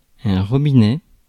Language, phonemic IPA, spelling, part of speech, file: French, /ʁɔ.bi.nɛ/, robinet, noun, Fr-robinet.ogg
- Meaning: tap (UK), faucet (US)